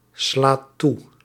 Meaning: inflection of toeslaan: 1. second/third-person singular present indicative 2. plural imperative
- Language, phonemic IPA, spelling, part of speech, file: Dutch, /ˈslat ˈtu/, slaat toe, verb, Nl-slaat toe.ogg